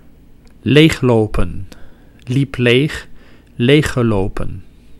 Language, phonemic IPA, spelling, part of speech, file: Dutch, /ˈlexlopə(n)/, leeglopen, verb / noun, Nl-leeglopen.ogg
- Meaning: to lose its contents gradually, to empty out, to drain